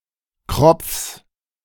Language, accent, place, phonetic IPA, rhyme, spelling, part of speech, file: German, Germany, Berlin, [kʁɔp͡fs], -ɔp͡fs, Kropfs, noun, De-Kropfs.ogg
- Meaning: genitive singular of Kropf